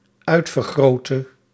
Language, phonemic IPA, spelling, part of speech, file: Dutch, /ˈœy̯tfərˌɣroːtə/, uitvergrootte, verb, Nl-uitvergrootte.ogg
- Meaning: inflection of uitvergroten: 1. singular dependent-clause past indicative 2. singular dependent-clause past subjunctive